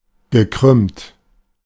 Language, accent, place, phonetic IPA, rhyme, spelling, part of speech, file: German, Germany, Berlin, [ɡəˈkʁʏmt], -ʏmt, gekrümmt, adjective / verb, De-gekrümmt.ogg
- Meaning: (verb) past participle of krümmen; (adjective) curved, bent, crooked, contorted